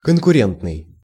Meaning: competitive
- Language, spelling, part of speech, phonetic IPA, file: Russian, конкурентный, adjective, [kənkʊˈrʲentnɨj], Ru-конкурентный.ogg